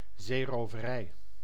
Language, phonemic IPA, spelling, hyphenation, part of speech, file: Dutch, /ˌzeː.roː.vəˈrɛi̯/, zeeroverij, zee‧ro‧ve‧rij, noun, Nl-zeeroverij.ogg
- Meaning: piracy, robbery at sea